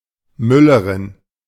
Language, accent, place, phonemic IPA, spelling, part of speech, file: German, Germany, Berlin, /ˈmʏlɐʁɪn/, Müllerin, noun, De-Müllerin.ogg
- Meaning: 1. female miller 2. wife of a miller